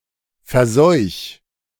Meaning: 1. singular imperative of verseuchen 2. first-person singular present of verseuchen
- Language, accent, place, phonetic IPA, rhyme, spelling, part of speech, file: German, Germany, Berlin, [fɛɐ̯ˈzɔɪ̯ç], -ɔɪ̯ç, verseuch, verb, De-verseuch.ogg